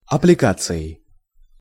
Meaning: instrumental singular of апплика́ция (applikácija)
- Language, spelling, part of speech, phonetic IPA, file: Russian, аппликацией, noun, [ɐplʲɪˈkat͡sɨ(j)ɪj], Ru-аппликацией.ogg